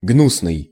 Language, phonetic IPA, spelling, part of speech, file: Russian, [ˈɡnusnɨj], гнусный, adjective, Ru-гнусный.ogg
- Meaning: 1. abominable, hideous, detestable, odious, vile 2. mean, villainous (of a person)